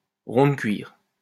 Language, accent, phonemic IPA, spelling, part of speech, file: French, France, /ʁɔ̃.də.kɥiʁ/, rond-de-cuir, noun, LL-Q150 (fra)-rond-de-cuir.wav
- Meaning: 1. doughnut-shaped leather cushion to relieve haemorrhoids 2. pen-pusher 3. leather patch (for elbows of clothing)